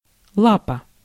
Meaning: 1. paw 2. human's hand or foot
- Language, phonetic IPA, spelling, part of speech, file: Russian, [ˈɫapə], лапа, noun, Ru-лапа.ogg